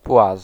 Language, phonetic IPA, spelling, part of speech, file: Polish, [pwas], płaz, noun, Pl-płaz.ogg